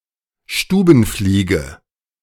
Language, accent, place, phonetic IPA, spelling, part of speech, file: German, Germany, Berlin, [ˈʃtuːbn̩ˌfliːɡə], Stubenfliege, noun, De-Stubenfliege.ogg
- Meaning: housefly